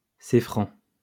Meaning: a French person
- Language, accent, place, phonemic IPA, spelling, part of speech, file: French, France, Lyon, /se.fʁɑ̃/, Céfran, noun, LL-Q150 (fra)-Céfran.wav